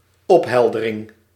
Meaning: clarification
- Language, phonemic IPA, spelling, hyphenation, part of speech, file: Dutch, /ˈɔphɛldəˌrɪŋ/, opheldering, op‧hel‧de‧ring, noun, Nl-opheldering.ogg